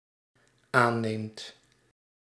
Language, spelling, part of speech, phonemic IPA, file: Dutch, aanneemt, verb, /ˈanemt/, Nl-aanneemt.ogg
- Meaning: second/third-person singular dependent-clause present indicative of aannemen